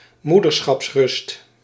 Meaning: maternity leave
- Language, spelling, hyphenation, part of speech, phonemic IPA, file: Dutch, moederschapsrust, moe‧der‧schaps‧rust, noun, /ˈmudərsxɑpsˌrʏst/, Nl-moederschapsrust.ogg